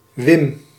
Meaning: a male given name, short for Willem
- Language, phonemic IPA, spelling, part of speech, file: Dutch, /wɪm/, Wim, proper noun, Nl-Wim.ogg